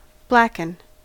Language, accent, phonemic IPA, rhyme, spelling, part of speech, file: English, US, /ˈblækən/, -ækən, blacken, verb, En-us-blacken.ogg
- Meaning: 1. To cause to be or become black 2. To become black 3. To make dirty 4. To defame or sully 5. To cook (meat or fish) by coating with pepper, etc., and quickly searing in a hot pan